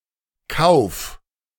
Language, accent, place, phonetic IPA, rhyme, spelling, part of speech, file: German, Germany, Berlin, [kaʊ̯f], -aʊ̯f, kauf, verb, De-kauf.ogg
- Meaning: singular imperative of kaufen